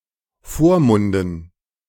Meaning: dative plural of Vormund
- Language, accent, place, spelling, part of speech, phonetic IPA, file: German, Germany, Berlin, Vormunden, noun, [ˈfoːɐ̯ˌmʊndn̩], De-Vormunden.ogg